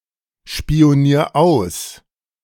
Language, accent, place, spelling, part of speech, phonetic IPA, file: German, Germany, Berlin, spionier aus, verb, [ʃpi̯oˌniːɐ̯ ˈaʊ̯s], De-spionier aus.ogg
- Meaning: 1. singular imperative of ausspionieren 2. first-person singular present of ausspionieren